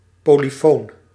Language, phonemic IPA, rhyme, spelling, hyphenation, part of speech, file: Dutch, /ˌpoː.liˈfoːn/, -oːn, polyfoon, po‧ly‧foon, adjective, Nl-polyfoon.ogg
- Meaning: 1. polyphonic, contrapuntal 2. polyphonic, containing the perspectives of many protagonists